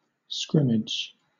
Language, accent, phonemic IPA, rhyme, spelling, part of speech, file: English, Southern England, /ˈskɹɪmɪd͡ʒ/, -ɪmɪd͡ʒ, scrimmage, noun / verb, LL-Q1860 (eng)-scrimmage.wav
- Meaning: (noun) 1. A rough fight 2. In some team sports, especially soccer, a practice game which does not count on a team's record